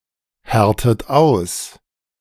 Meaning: inflection of aushärten: 1. second-person plural present 2. second-person plural subjunctive I 3. third-person singular present 4. plural imperative
- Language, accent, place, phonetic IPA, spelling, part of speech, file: German, Germany, Berlin, [ˌhɛʁtət ˈaʊ̯s], härtet aus, verb, De-härtet aus.ogg